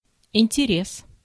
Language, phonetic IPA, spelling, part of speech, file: Russian, [ɪnʲtʲɪˈrʲes], интерес, noun, Ru-интерес.ogg
- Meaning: interest